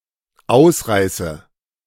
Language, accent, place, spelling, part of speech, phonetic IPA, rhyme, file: German, Germany, Berlin, ausreiße, verb, [ˈaʊ̯sˌʁaɪ̯sə], -aʊ̯sʁaɪ̯sə, De-ausreiße.ogg
- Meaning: inflection of ausreißen: 1. first-person singular dependent present 2. first/third-person singular dependent subjunctive I